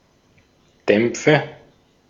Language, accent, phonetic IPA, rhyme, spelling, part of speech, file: German, Austria, [ˈdɛmp͡fə], -ɛmp͡fə, Dämpfe, noun, De-at-Dämpfe.ogg
- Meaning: nominative/accusative/genitive plural of Dampf